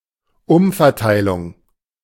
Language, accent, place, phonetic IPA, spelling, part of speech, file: German, Germany, Berlin, [ˈʊmfɛɐ̯ˌtaɪ̯lʊŋ], Umverteilung, noun, De-Umverteilung.ogg
- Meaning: redistribution